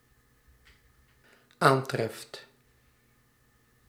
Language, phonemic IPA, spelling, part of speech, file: Dutch, /ˈantrɛft/, aantreft, verb, Nl-aantreft.ogg
- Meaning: second/third-person singular dependent-clause present indicative of aantreffen